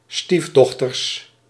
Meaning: plural of stiefdochter
- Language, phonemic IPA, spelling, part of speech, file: Dutch, /ˈstivdɔxtər/, stiefdochters, noun, Nl-stiefdochters.ogg